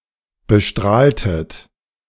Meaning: inflection of bestrahlen: 1. second-person plural preterite 2. second-person plural subjunctive II
- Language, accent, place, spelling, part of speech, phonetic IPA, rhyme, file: German, Germany, Berlin, bestrahltet, verb, [bəˈʃtʁaːltət], -aːltət, De-bestrahltet.ogg